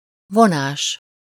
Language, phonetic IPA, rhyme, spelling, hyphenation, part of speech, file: Hungarian, [ˈvonaːʃ], -aːʃ, vonás, vo‧nás, noun, Hu-vonás.ogg
- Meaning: 1. verbal noun of von: traction, drawing (the act of pulling, literally or figuratively) 2. dash, stroke, mark, line 3. feature, lineament